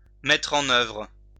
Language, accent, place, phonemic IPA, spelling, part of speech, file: French, France, Lyon, /mɛ.tʁ‿ɑ̃.n‿œvʁ/, mettre en œuvre, verb, LL-Q150 (fra)-mettre en œuvre.wav
- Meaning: to carry out, to set in motion, to do; to make use of